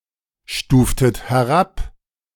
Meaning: inflection of herabstufen: 1. second-person plural preterite 2. second-person plural subjunctive II
- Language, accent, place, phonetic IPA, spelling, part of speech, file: German, Germany, Berlin, [ˌʃtuːftət hɛˈʁap], stuftet herab, verb, De-stuftet herab.ogg